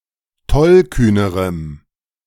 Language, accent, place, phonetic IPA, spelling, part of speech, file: German, Germany, Berlin, [ˈtɔlˌkyːnəʁəm], tollkühnerem, adjective, De-tollkühnerem.ogg
- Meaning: strong dative masculine/neuter singular comparative degree of tollkühn